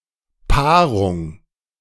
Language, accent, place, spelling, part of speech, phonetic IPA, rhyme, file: German, Germany, Berlin, Paarung, noun, [ˈpaːʁʊŋ], -aːʁʊŋ, De-Paarung.ogg
- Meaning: mating, pairing